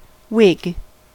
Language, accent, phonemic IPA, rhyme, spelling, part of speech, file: English, US, /wɪɡ/, -ɪɡ, wig, noun / verb / interjection, En-us-wig.ogg